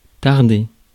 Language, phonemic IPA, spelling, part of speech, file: French, /taʁ.de/, tarder, verb, Fr-tarder.ogg
- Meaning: 1. to tarry 2. to be slow to do something (tarder à faire quelque chose) 3. Used as an impersonal verb with de or que to express impatience